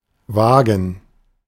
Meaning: a wheeled vehicle for transporting anything: 1. a car, an automobile, a vehicle 2. a railroad car 3. a wagon, a cart (drawn by a person, by horses, by oxen, etc)
- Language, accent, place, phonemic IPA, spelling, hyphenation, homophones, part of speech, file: German, Germany, Berlin, /ˈvaːɡən/, Wagen, Wa‧gen, vagen / Waagen / wagen, noun, De-Wagen.ogg